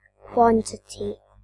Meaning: A fundamental, generic term used when referring to the measurement (count, amount) of a scalar, vector, number of items or to some other way of denominating the value of a collection or group of items
- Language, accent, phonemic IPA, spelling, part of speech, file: English, UK, /ˈkwɒn.tɪ.ti/, quantity, noun, En-gb-quantity.ogg